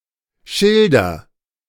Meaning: inflection of schildern: 1. first-person singular present 2. singular imperative
- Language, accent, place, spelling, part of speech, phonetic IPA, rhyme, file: German, Germany, Berlin, schilder, verb, [ˈʃɪldɐ], -ɪldɐ, De-schilder.ogg